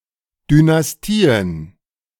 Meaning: plural of Dynastie
- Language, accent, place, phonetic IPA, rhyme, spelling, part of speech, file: German, Germany, Berlin, [dynasˈtiːən], -iːən, Dynastien, noun, De-Dynastien.ogg